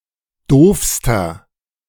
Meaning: inflection of doof: 1. strong/mixed nominative masculine singular superlative degree 2. strong genitive/dative feminine singular superlative degree 3. strong genitive plural superlative degree
- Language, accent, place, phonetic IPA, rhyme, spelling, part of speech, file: German, Germany, Berlin, [ˈdoːfstɐ], -oːfstɐ, doofster, adjective, De-doofster.ogg